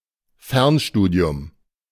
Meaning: distance learning
- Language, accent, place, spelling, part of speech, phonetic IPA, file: German, Germany, Berlin, Fernstudium, noun, [ˈfɛʁnˌʃtuːdi̯ʊm], De-Fernstudium.ogg